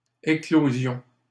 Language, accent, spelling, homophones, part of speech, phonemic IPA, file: French, Canada, éclosion, éclosions, noun, /e.klo.zjɔ̃/, LL-Q150 (fra)-éclosion.wav
- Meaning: 1. eclosion; hatching; the act of an egg hatching 2. sudden appearance of something, outbreak